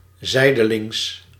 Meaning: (adverb) 1. sideways 2. indirectly; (adjective) 1. sideways, collateral 2. indirect
- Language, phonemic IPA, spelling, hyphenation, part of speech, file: Dutch, /ˈzɛi̯.dəˌlɪŋs/, zijdelings, zij‧de‧lings, adverb / adjective, Nl-zijdelings.ogg